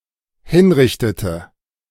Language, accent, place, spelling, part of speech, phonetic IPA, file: German, Germany, Berlin, hinrichtete, verb, [ˈhɪnˌʁɪçtətə], De-hinrichtete.ogg
- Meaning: inflection of hinrichten: 1. first/third-person singular dependent preterite 2. first/third-person singular dependent subjunctive II